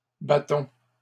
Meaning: inflection of battre: 1. first-person plural present indicative 2. first-person plural imperative
- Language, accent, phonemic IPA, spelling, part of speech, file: French, Canada, /ba.tɔ̃/, battons, verb, LL-Q150 (fra)-battons.wav